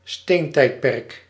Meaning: Stone Age
- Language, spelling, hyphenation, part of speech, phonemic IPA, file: Dutch, steentijdperk, steen‧tijd‧perk, noun, /ˈsteːnˌtɛi̯t.pɛrk/, Nl-steentijdperk.ogg